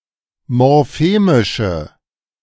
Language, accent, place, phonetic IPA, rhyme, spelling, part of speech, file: German, Germany, Berlin, [mɔʁˈfeːmɪʃə], -eːmɪʃə, morphemische, adjective, De-morphemische.ogg
- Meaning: inflection of morphemisch: 1. strong/mixed nominative/accusative feminine singular 2. strong nominative/accusative plural 3. weak nominative all-gender singular